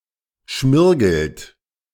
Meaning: inflection of schmirgeln: 1. third-person singular present 2. second-person plural present 3. plural imperative
- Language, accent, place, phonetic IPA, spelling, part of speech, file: German, Germany, Berlin, [ˈʃmɪʁɡl̩t], schmirgelt, verb, De-schmirgelt.ogg